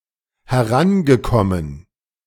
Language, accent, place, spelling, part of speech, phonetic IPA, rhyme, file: German, Germany, Berlin, herangekommen, verb, [hɛˈʁanɡəˌkɔmən], -anɡəkɔmən, De-herangekommen.ogg
- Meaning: past participle of herankommen